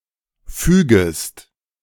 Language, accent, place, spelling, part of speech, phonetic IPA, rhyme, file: German, Germany, Berlin, fügest, verb, [ˈfyːɡəst], -yːɡəst, De-fügest.ogg
- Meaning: second-person singular subjunctive I of fügen